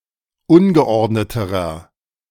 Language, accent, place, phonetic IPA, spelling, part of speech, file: German, Germany, Berlin, [ˈʊnɡəˌʔɔʁdnətəʁɐ], ungeordneterer, adjective, De-ungeordneterer.ogg
- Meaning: inflection of ungeordnet: 1. strong/mixed nominative masculine singular comparative degree 2. strong genitive/dative feminine singular comparative degree 3. strong genitive plural comparative degree